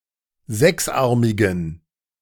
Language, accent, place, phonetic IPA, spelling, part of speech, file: German, Germany, Berlin, [ˈzɛksˌʔaʁmɪɡn̩], sechsarmigen, adjective, De-sechsarmigen.ogg
- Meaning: inflection of sechsarmig: 1. strong genitive masculine/neuter singular 2. weak/mixed genitive/dative all-gender singular 3. strong/weak/mixed accusative masculine singular 4. strong dative plural